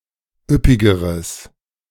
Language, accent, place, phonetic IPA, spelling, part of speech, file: German, Germany, Berlin, [ˈʏpɪɡəʁəs], üppigeres, adjective, De-üppigeres.ogg
- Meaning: strong/mixed nominative/accusative neuter singular comparative degree of üppig